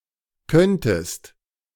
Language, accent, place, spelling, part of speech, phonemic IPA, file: German, Germany, Berlin, könntest, verb, /ˈkœntəst/, De-könntest.ogg
- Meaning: second-person singular subjunctive II of können